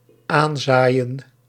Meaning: to sow on (a patch of soil)
- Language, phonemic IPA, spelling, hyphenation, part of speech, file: Dutch, /ˈaːnˌzaː.jə(n)/, aanzaaien, aan‧zaai‧en, verb, Nl-aanzaaien.ogg